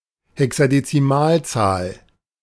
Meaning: hexadecimal number
- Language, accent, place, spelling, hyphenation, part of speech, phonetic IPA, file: German, Germany, Berlin, Hexadezimalzahl, He‧xa‧de‧zi‧mal‧zahl, noun, [hɛksadetsiˈmaːlˌt͡saːl], De-Hexadezimalzahl.ogg